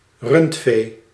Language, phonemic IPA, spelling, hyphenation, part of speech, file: Dutch, /ˈrʏnt.feː/, rundvee, rund‧vee, noun, Nl-rundvee.ogg
- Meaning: cattle